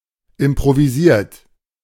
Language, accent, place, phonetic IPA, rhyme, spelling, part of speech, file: German, Germany, Berlin, [ɪmpʁoviˈziːɐ̯t], -iːɐ̯t, improvisiert, adjective / verb, De-improvisiert.ogg
- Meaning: 1. past participle of improvisieren 2. inflection of improvisieren: third-person singular present 3. inflection of improvisieren: second-person plural present